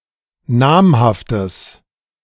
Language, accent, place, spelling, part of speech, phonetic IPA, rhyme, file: German, Germany, Berlin, namhaftes, adjective, [ˈnaːmhaftəs], -aːmhaftəs, De-namhaftes.ogg
- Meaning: strong/mixed nominative/accusative neuter singular of namhaft